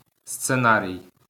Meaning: 1. scenario 2. script (text of a stage play, movie, or other performance) 3. screenplay
- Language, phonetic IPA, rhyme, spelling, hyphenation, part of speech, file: Ukrainian, [st͡seˈnarʲii̯], -arʲii̯, сценарій, сце‧на‧рій, noun, LL-Q8798 (ukr)-сценарій.wav